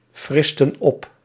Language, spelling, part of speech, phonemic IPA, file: Dutch, fristen op, verb, /ˈfrɪstə(n) ˈɔp/, Nl-fristen op.ogg
- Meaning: inflection of opfrissen: 1. plural past indicative 2. plural past subjunctive